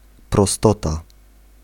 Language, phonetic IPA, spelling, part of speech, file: Polish, [prɔˈstɔta], prostota, noun, Pl-prostota.ogg